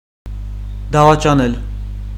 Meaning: 1. to betray 2. to commit adultery
- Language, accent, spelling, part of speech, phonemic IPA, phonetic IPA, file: Armenian, Eastern Armenian, դավաճանել, verb, /dɑvɑt͡ʃɑˈnel/, [dɑvɑt͡ʃɑnél], Hy-դավաճանել.ogg